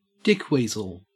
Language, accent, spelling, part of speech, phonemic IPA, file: English, Australia, dickweasel, noun, /ˈdɪkwiːzəl/, En-au-dickweasel.ogg
- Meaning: A rude, obnoxious, or contemptible person